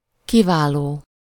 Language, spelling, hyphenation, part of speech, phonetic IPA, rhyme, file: Hungarian, kiváló, ki‧vá‧ló, verb / adjective, [ˈkivaːloː], -loː, Hu-kiváló.ogg
- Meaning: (verb) present participle of kiválik; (adjective) eminent, excellent, outstanding